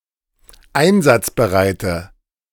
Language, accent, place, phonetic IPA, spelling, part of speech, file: German, Germany, Berlin, [ˈaɪ̯nzat͡sbəˌʁaɪ̯tə], einsatzbereite, adjective, De-einsatzbereite.ogg
- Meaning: inflection of einsatzbereit: 1. strong/mixed nominative/accusative feminine singular 2. strong nominative/accusative plural 3. weak nominative all-gender singular